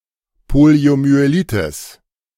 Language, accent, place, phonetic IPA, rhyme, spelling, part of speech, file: German, Germany, Berlin, [ˌpoli̯omyeˈliːtɪs], -iːtɪs, Poliomyelitis, noun, De-Poliomyelitis.ogg
- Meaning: poliomyelitis